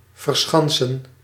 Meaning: 1. to fortify; (literal) to surround with a defensive wall, to protect with a bastion 2. to dig oneself in, to seek cover, to fortify one's position, to take a fortified position
- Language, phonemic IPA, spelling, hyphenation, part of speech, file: Dutch, /ˌvərˈsxɑn.sə(n)/, verschansen, ver‧schan‧sen, verb, Nl-verschansen.ogg